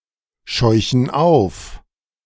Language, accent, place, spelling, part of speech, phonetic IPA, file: German, Germany, Berlin, scheuchen auf, verb, [ˌʃɔɪ̯çn̩ ˈaʊ̯f], De-scheuchen auf.ogg
- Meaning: inflection of aufscheuchen: 1. first/third-person plural present 2. first/third-person plural subjunctive I